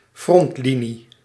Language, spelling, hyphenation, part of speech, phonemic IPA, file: Dutch, frontlinie, front‧li‧nie, noun, /ˈfrɔntˌli.ni/, Nl-frontlinie.ogg
- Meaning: frontline